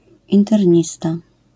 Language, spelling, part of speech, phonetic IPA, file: Polish, internista, noun, [ˌĩntɛrʲˈɲista], LL-Q809 (pol)-internista.wav